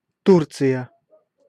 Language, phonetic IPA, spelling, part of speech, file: Russian, [ˈturt͡sɨjə], Турция, proper noun, Ru-Турция.ogg
- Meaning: Turkey (a country located in Eastern Thrace in Southeastern Europe and Anatolia in West Asia)